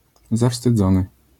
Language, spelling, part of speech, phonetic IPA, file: Polish, zawstydzony, adjective / verb, [ˌzafstɨˈd͡zɔ̃nɨ], LL-Q809 (pol)-zawstydzony.wav